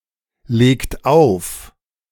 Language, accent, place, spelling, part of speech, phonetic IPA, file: German, Germany, Berlin, legt auf, verb, [ˌleːkt ˈaʊ̯f], De-legt auf.ogg
- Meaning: inflection of auflegen: 1. third-person singular present 2. second-person plural present 3. plural imperative